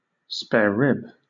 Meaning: A cut of meat including the rib bones
- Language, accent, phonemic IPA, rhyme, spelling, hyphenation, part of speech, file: English, Southern England, /ˌspɛəˈɹɪb/, -ɪb, sparerib, spare‧rib, noun, LL-Q1860 (eng)-sparerib.wav